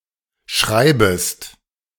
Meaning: second-person singular subjunctive I of schreiben
- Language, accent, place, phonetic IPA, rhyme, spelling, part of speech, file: German, Germany, Berlin, [ˈʃʁaɪ̯bəst], -aɪ̯bəst, schreibest, verb, De-schreibest.ogg